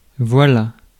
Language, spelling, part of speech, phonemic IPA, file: French, voila, verb, /vwa.la/, Fr-voila.ogg
- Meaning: third-person singular past historic of voiler